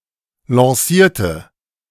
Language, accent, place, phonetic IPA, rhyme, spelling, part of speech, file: German, Germany, Berlin, [lɑ̃ˈsiːɐ̯tə], -iːɐ̯tə, lancierte, adjective / verb, De-lancierte.ogg
- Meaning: inflection of lancieren: 1. first/third-person singular preterite 2. first/third-person singular subjunctive II